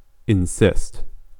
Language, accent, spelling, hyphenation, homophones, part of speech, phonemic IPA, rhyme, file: English, US, insist, in‧sist, encyst, verb, /ɪnˈsɪst/, -ɪst, En-us-insist1.ogg
- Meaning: 1. To hold up a claim emphatically 2. To demand continually that something happen or be done; to reiterate a demand despite requests to abandon it 3. To stand (on); to rest (upon); to lean (upon)